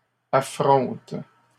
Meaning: third-person plural present indicative/subjunctive of affronter
- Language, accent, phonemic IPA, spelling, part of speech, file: French, Canada, /a.fʁɔ̃t/, affrontent, verb, LL-Q150 (fra)-affrontent.wav